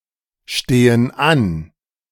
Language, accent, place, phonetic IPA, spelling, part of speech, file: German, Germany, Berlin, [ˌʃteːən ˈan], stehen an, verb, De-stehen an.ogg
- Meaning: inflection of anstehen: 1. first/third-person plural present 2. first/third-person plural subjunctive I